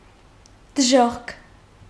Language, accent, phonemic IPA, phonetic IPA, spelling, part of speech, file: Armenian, Eastern Armenian, /dəˈʒoχkʰ/, [dəʒóχkʰ], դժոխք, noun, Hy-դժոխք.ogg
- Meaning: hell